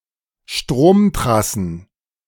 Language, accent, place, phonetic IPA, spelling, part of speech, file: German, Germany, Berlin, [ˈʃtʁoːmˌtʁasn̩], Stromtrassen, noun, De-Stromtrassen.ogg
- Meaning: plural of Stromtrasse